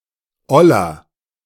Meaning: 1. comparative degree of oll 2. inflection of oll: strong/mixed nominative masculine singular 3. inflection of oll: strong genitive/dative feminine singular
- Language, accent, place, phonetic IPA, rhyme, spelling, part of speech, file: German, Germany, Berlin, [ˈɔlɐ], -ɔlɐ, oller, adjective, De-oller.ogg